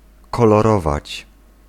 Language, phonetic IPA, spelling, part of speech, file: Polish, [ˌkɔlɔˈrɔvat͡ɕ], kolorować, verb, Pl-kolorować.ogg